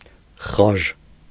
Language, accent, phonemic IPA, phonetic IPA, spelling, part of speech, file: Armenian, Eastern Armenian, /χɑʒ/, [χɑʒ], խաժ, adjective, Hy-խաժ.ogg
- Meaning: bluish-green, teal